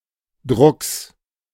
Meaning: genitive singular of Druck
- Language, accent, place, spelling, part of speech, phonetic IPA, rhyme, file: German, Germany, Berlin, Drucks, noun, [dʁʊks], -ʊks, De-Drucks.ogg